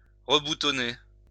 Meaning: to button up
- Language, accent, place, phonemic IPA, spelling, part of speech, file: French, France, Lyon, /ʁə.bu.tɔ.ne/, reboutonner, verb, LL-Q150 (fra)-reboutonner.wav